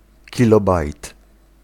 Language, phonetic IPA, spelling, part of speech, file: Polish, [ciˈlɔbajt], kilobajt, noun, Pl-kilobajt.ogg